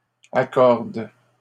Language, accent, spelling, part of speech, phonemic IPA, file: French, Canada, accorde, verb, /a.kɔʁd/, LL-Q150 (fra)-accorde.wav
- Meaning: inflection of accorder: 1. first/third-person singular present indicative/subjunctive 2. second-person singular imperative